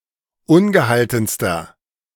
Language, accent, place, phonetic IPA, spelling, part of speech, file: German, Germany, Berlin, [ˈʊnɡəˌhaltn̩stɐ], ungehaltenster, adjective, De-ungehaltenster.ogg
- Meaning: inflection of ungehalten: 1. strong/mixed nominative masculine singular superlative degree 2. strong genitive/dative feminine singular superlative degree 3. strong genitive plural superlative degree